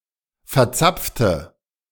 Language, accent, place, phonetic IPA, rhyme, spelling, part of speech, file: German, Germany, Berlin, [fɛɐ̯ˈt͡sap͡ftə], -ap͡ftə, verzapfte, adjective / verb, De-verzapfte.ogg
- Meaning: 1. past participle of verzapfen 2. inflection of verzapfen: first/third-person singular preterite 3. inflection of verzapfen: first/third-person singular subjunctive II